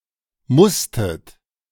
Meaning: second-person plural preterite of müssen
- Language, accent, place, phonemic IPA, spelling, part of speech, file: German, Germany, Berlin, /ˈmʊstət/, musstet, verb, De-musstet.ogg